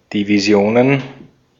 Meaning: plural of Division
- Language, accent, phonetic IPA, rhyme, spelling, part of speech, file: German, Austria, [diviˈzi̯oːnən], -oːnən, Divisionen, noun, De-at-Divisionen.ogg